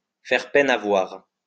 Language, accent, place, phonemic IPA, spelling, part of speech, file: French, France, Lyon, /fɛʁ pɛn a vwaʁ/, faire peine à voir, verb, LL-Q150 (fra)-faire peine à voir.wav
- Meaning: to be a sorry sight, to look pitiful